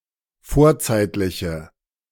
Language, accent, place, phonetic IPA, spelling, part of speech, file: German, Germany, Berlin, [ˈfoːɐ̯ˌt͡saɪ̯tlɪçə], vorzeitliche, adjective, De-vorzeitliche.ogg
- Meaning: inflection of vorzeitlich: 1. strong/mixed nominative/accusative feminine singular 2. strong nominative/accusative plural 3. weak nominative all-gender singular